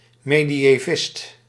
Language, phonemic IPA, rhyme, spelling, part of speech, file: Dutch, /ˌmeː.di.eːˈvɪst/, -ɪst, mediëvist, noun, Nl-mediëvist.ogg
- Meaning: medievalist (scholar studying the Middle Ages)